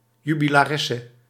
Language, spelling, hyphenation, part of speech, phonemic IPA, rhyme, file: Dutch, jubilaresse, ju‧bi‧la‧res‧se, noun, /ˌjy.bi.laːˈrɛ.sə/, -ɛsə, Nl-jubilaresse.ogg
- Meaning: a female celebrant of her jubilee or anniversary